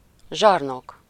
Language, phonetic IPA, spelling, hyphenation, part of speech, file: Hungarian, [ˈʒɒrnok], zsarnok, zsar‧nok, noun / adjective, Hu-zsarnok.ogg
- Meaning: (noun) tyrant, despot; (adjective) tyrannical, despotic, dictatorial